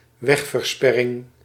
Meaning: road block
- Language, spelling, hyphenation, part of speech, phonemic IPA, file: Dutch, wegversperring, weg‧ver‧sper‧ring, noun, /ˈʋɛx.vərˌspɛ.rɪŋ/, Nl-wegversperring.ogg